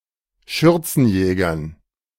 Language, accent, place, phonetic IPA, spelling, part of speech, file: German, Germany, Berlin, [ˈʃʏʁt͡sn̩ˌjɛːɡɐn], Schürzenjägern, noun, De-Schürzenjägern.ogg
- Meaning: dative plural of Schürzenjäger